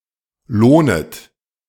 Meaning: second-person plural subjunctive I of lohnen
- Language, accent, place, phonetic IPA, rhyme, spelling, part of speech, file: German, Germany, Berlin, [ˈloːnət], -oːnət, lohnet, verb, De-lohnet.ogg